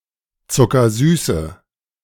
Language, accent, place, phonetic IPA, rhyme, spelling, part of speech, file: German, Germany, Berlin, [t͡sʊkɐˈzyːsə], -yːsə, zuckersüße, adjective, De-zuckersüße.ogg
- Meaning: inflection of zuckersüß: 1. strong/mixed nominative/accusative feminine singular 2. strong nominative/accusative plural 3. weak nominative all-gender singular